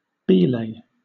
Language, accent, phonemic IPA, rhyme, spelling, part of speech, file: English, Southern England, /ˈbiːleɪ/, -iːleɪ, belay, noun, LL-Q1860 (eng)-belay.wav
- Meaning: 1. The securing of a rope to a rock or other sturdy object 2. The object to which a rope is secured 3. A location at which a climber stops and builds an anchor with which to secure their partner